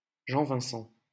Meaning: 1. a male given name, Vincent, from Latin, equivalent to English Vincent 2. a surname, Vincent, originating as a patronymic
- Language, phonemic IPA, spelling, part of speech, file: French, /vɛ̃.sɑ̃/, Vincent, proper noun, LL-Q150 (fra)-Vincent.wav